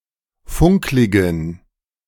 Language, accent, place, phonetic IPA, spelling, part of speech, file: German, Germany, Berlin, [ˈfʊŋklɪɡn̩], funkligen, adjective, De-funkligen.ogg
- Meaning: inflection of funklig: 1. strong genitive masculine/neuter singular 2. weak/mixed genitive/dative all-gender singular 3. strong/weak/mixed accusative masculine singular 4. strong dative plural